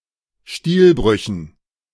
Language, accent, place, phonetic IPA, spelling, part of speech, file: German, Germany, Berlin, [ˈstiːlˌbʁʏçn̩], Stilbrüchen, noun, De-Stilbrüchen.ogg
- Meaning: dative plural of Stilbruch